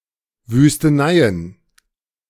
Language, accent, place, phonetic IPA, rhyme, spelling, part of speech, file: German, Germany, Berlin, [vyːstəˈnaɪ̯ən], -aɪ̯ən, Wüsteneien, noun, De-Wüsteneien.ogg
- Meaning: plural of Wüstenei